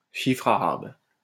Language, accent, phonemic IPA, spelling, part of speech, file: French, France, /ʃi.fʁ‿a.ʁab/, chiffre arabe, noun, LL-Q150 (fra)-chiffre arabe.wav
- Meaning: Arabic numeral